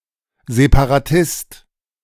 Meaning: separatist
- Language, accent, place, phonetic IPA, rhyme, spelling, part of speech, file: German, Germany, Berlin, [zepaʁaˈtɪst], -ɪst, Separatist, noun, De-Separatist.ogg